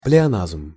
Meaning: pleonasm
- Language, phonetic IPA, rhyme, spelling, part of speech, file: Russian, [plʲɪɐˈnazm], -azm, плеоназм, noun, Ru-плеоназм.ogg